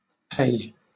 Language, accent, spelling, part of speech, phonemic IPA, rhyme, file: English, Southern England, pe, noun, /peɪ/, -eɪ, LL-Q1860 (eng)-pe.wav
- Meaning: 1. The seventeenth letter of many Semitic alphabets/abjads (Phoenician, Aramaic, Hebrew פ, Syriac ܦ, and others; Arabic has the analog faa) 2. The name of the Cyrillic script letter П / п